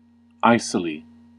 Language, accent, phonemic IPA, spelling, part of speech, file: English, US, /ˈaɪ.sɪ.li/, icily, adverb, En-us-icily.ogg
- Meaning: 1. In the manner of ice; with a cold or chilling effect 2. In an uncaring or coolly angry manner